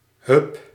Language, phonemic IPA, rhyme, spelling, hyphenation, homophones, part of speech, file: Dutch, /ɦʏp/, -ʏp, hup, hup, hub / Hub, interjection / verb, Nl-hup.ogg
- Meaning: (interjection) synonym of hoppa (“let's go, hey presto, alley-oop”); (verb) inflection of huppen: 1. first-person singular present indicative 2. second-person singular present indicative 3. imperative